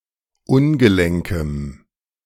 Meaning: strong dative masculine/neuter singular of ungelenk
- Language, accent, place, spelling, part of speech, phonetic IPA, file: German, Germany, Berlin, ungelenkem, adjective, [ˈʊnɡəˌlɛŋkəm], De-ungelenkem.ogg